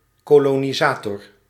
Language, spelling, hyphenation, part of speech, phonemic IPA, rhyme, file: Dutch, kolonisator, ko‧lo‧ni‧sa‧tor, noun, /ˌkoː.loː.niˈzaː.tɔr/, -aːtɔr, Nl-kolonisator.ogg
- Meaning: coloniser